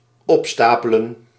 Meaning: 1. to pile up, heap 2. to accumulate, pile up
- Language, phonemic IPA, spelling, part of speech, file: Dutch, /ˈɔpstapələ(n)/, opstapelen, verb, Nl-opstapelen.ogg